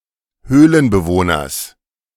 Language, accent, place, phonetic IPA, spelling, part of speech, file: German, Germany, Berlin, [ˈhøːlənbəˌvoːnɐs], Höhlenbewohners, noun, De-Höhlenbewohners.ogg
- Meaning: genitive singular of Höhlenbewohner